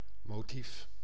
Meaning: 1. a motive 2. a motif, a pattern
- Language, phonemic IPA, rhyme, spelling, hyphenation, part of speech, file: Dutch, /moːˈtif/, -if, motief, mo‧tief, noun, Nl-motief.ogg